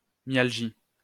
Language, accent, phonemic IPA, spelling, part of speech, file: French, France, /mjal.ʒi/, myalgie, noun, LL-Q150 (fra)-myalgie.wav
- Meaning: myalgia